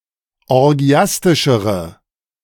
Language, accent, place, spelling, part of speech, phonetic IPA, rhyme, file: German, Germany, Berlin, orgiastischere, adjective, [ɔʁˈɡi̯astɪʃəʁə], -astɪʃəʁə, De-orgiastischere.ogg
- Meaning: inflection of orgiastisch: 1. strong/mixed nominative/accusative feminine singular comparative degree 2. strong nominative/accusative plural comparative degree